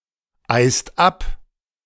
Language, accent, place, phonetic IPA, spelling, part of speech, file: German, Germany, Berlin, [ˌaɪ̯st ˈap], eist ab, verb, De-eist ab.ogg
- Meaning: inflection of abeisen: 1. second/third-person singular present 2. second-person plural present 3. plural imperative